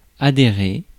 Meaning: 1. to adhere; to stick to (rules, regulations) 2. to belong to; to be part of; to be a member of 3. to associate, to join
- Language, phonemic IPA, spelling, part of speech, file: French, /a.de.ʁe/, adhérer, verb, Fr-adhérer.ogg